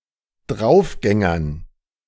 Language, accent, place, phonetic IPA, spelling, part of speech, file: German, Germany, Berlin, [ˈdʁaʊ̯fˌɡɛŋɐn], Draufgängern, noun, De-Draufgängern.ogg
- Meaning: dative plural of Draufgänger